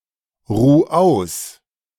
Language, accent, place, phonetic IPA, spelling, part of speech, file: German, Germany, Berlin, [ˌʁuː ˈaʊ̯s], ruh aus, verb, De-ruh aus.ogg
- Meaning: 1. singular imperative of ausruhen 2. first-person singular present of ausruhen